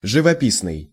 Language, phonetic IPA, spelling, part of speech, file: Russian, [ʐɨvɐˈpʲisnɨj], живописный, adjective, Ru-живописный.ogg
- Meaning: 1. picturesque, scenic 2. vivid